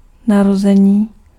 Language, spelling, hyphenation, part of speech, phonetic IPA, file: Czech, narození, na‧ro‧ze‧ní, noun, [ˈnarozɛɲiː], Cs-narození.ogg
- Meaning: 1. verbal noun of narodit 2. birth (instance of childbirth)